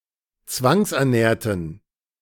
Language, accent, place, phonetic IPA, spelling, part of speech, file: German, Germany, Berlin, [ˈt͡svaŋsʔɛɐ̯ˌnɛːɐ̯tn̩], zwangsernährten, adjective / verb, De-zwangsernährten.ogg
- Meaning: inflection of zwangsernähren: 1. first/third-person plural preterite 2. first/third-person plural subjunctive II